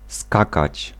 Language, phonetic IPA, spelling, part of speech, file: Polish, [ˈskakat͡ɕ], skakać, verb, Pl-skakać.ogg